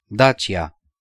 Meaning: Dacia (an ancient region and former kingdom located in the area now known as Romania. The Dacian kingdom was conquered by the Romans and later named Romania after them)
- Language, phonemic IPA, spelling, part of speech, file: Romanian, /ˈdat͡ʃi.a/, Dacia, proper noun, Ro-Dacia.ogg